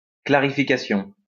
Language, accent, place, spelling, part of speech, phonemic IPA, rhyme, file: French, France, Lyon, clarification, noun, /kla.ʁi.fi.ka.sjɔ̃/, -ɔ̃, LL-Q150 (fra)-clarification.wav
- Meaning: clarification